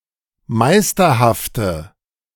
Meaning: inflection of meisterhaft: 1. strong/mixed nominative/accusative feminine singular 2. strong nominative/accusative plural 3. weak nominative all-gender singular
- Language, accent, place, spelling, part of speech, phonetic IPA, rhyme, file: German, Germany, Berlin, meisterhafte, adjective, [ˈmaɪ̯stɐhaftə], -aɪ̯stɐhaftə, De-meisterhafte.ogg